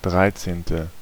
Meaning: thirteenth
- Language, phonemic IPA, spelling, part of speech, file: German, /ˈdʁaɪ̯tseːntə/, dreizehnte, adjective, De-dreizehnte.ogg